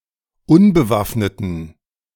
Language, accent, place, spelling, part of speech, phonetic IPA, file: German, Germany, Berlin, unbewaffneten, adjective, [ˈʊnbəˌvafnətn̩], De-unbewaffneten.ogg
- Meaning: inflection of unbewaffnet: 1. strong genitive masculine/neuter singular 2. weak/mixed genitive/dative all-gender singular 3. strong/weak/mixed accusative masculine singular 4. strong dative plural